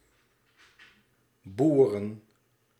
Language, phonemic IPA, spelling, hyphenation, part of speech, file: Dutch, /ˈbu.rə(n)/, boeren, boe‧ren, verb / noun, Nl-boeren.ogg
- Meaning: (verb) 1. to farm, practice agriculture 2. to do (well, badly...) in some business 3. to burp, to belch; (noun) plural of boer